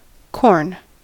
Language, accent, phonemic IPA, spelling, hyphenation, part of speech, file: English, US, /ˈkɔɹn/, corn, corn, noun / verb, En-us-corn.ogg
- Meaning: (noun) 1. Any cereal plant (or its grain) that is the main crop or staple of a country or region 2. Maize, a grain crop of the species Zea mays